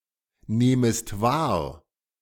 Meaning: second-person singular subjunctive I of wahrnehmen
- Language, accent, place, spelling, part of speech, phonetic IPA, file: German, Germany, Berlin, nehmest wahr, verb, [ˌneːməst ˈvaːɐ̯], De-nehmest wahr.ogg